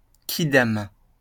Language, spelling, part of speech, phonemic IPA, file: French, quidam, noun, /ki.dam/, LL-Q150 (fra)-quidam.wav
- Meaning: 1. placeholder for persons whose name are unknown or not mentioned, in a conversation or in writing 2. individual